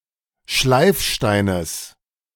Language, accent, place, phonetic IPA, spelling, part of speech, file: German, Germany, Berlin, [ˈʃlaɪ̯fˌʃtaɪ̯nəs], Schleifsteines, noun, De-Schleifsteines.ogg
- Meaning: genitive singular of Schleifstein